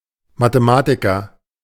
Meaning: mathematician (male or of unspecified gender)
- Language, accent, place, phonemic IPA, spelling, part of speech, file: German, Germany, Berlin, /matəˈmaːtikɐ/, Mathematiker, noun, De-Mathematiker.ogg